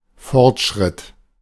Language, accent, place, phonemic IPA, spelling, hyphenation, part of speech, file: German, Germany, Berlin, /ˈfɔʁtˌʃʁɪt/, Fortschritt, Fort‧schritt, noun, De-Fortschritt.ogg
- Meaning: progress, advancement